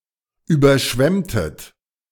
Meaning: inflection of überschwemmen: 1. second-person plural preterite 2. second-person plural subjunctive II
- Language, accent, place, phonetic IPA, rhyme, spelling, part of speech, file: German, Germany, Berlin, [ˌyːbɐˈʃvɛmtət], -ɛmtət, überschwemmtet, verb, De-überschwemmtet.ogg